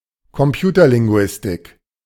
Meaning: computational linguistics (an interdisciplinary field dealing with the statistical and/or rule-based modeling of natural language)
- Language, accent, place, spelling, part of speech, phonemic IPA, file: German, Germany, Berlin, Computerlinguistik, noun, /kɔmˈpjuːtɐlɪŋɡʊ̯ɪstɪk/, De-Computerlinguistik.ogg